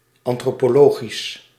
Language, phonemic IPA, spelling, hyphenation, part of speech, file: Dutch, /ˌɑn.troː.poːˈloː.ɣis/, antropologisch, an‧tro‧po‧lo‧gisch, adjective, Nl-antropologisch.ogg
- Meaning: anthropological